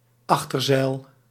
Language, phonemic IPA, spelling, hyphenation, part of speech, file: Dutch, /ˈɑx.tərˌzɛi̯l/, achterzeil, ach‧ter‧zeil, noun, Nl-achterzeil.ogg
- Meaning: back sail